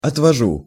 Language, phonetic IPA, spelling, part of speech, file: Russian, [ɐtvɐˈʐu], отвожу, verb, Ru-отвожу.ogg
- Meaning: 1. first-person singular present indicative imperfective of отводи́ть (otvodítʹ) 2. first-person singular present indicative imperfective of отвози́ть (otvozítʹ)